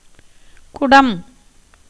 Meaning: 1. waterpot, jug, pitcher 2. any rounded vessel 3. hub of a wheel 4. gourdlike part (in certain musical instruments) 5. cow 6. a dance with pots performed by Kṛṣṇa
- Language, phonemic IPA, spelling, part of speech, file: Tamil, /kʊɖɐm/, குடம், noun, Ta-குடம்.ogg